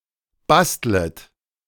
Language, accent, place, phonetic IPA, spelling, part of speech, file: German, Germany, Berlin, [ˈbastlət], bastlet, verb, De-bastlet.ogg
- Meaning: second-person plural subjunctive I of basteln